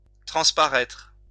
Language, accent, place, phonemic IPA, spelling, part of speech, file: French, France, Lyon, /tʁɑ̃s.pa.ʁɛtʁ/, transparaître, verb, LL-Q150 (fra)-transparaître.wav
- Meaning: 1. to show through (of light etc.) 2. to become apparent, to show